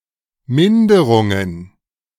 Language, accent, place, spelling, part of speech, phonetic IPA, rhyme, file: German, Germany, Berlin, Minderungen, noun, [ˈmɪndəʁʊŋən], -ɪndəʁʊŋən, De-Minderungen.ogg
- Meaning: plural of Minderung